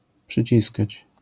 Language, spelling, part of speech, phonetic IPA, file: Polish, przyciskać, verb, [pʃɨˈt͡ɕiskat͡ɕ], LL-Q809 (pol)-przyciskać.wav